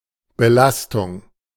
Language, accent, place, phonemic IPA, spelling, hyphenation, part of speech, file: German, Germany, Berlin, /bəˈlastʊŋ/, Belastung, Be‧las‧tung, noun, De-Belastung.ogg
- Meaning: 1. load, weight, pressure, strain 2. burden